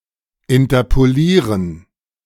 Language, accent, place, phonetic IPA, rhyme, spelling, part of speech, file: German, Germany, Berlin, [ɪntɐpoˈliːʁən], -iːʁən, interpolieren, verb, De-interpolieren.ogg
- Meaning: to interpolate